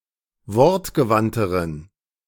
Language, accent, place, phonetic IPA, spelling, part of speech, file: German, Germany, Berlin, [ˈvɔʁtɡəˌvantəʁən], wortgewandteren, adjective, De-wortgewandteren.ogg
- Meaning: inflection of wortgewandt: 1. strong genitive masculine/neuter singular comparative degree 2. weak/mixed genitive/dative all-gender singular comparative degree